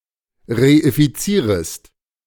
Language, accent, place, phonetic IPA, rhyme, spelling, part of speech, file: German, Germany, Berlin, [ʁeʔɪfiˈt͡siːʁəst], -iːʁəst, reifizierest, verb, De-reifizierest.ogg
- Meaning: second-person singular subjunctive I of reifizieren